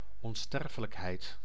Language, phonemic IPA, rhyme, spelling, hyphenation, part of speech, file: Dutch, /ɔnˈstɛr.fə.ləkˌɦɛi̯t/, -ɛrfələkɦɛi̯t, onsterfelijkheid, on‧ster‧fe‧lijk‧heid, noun, Nl-onsterfelijkheid.ogg
- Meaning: immortality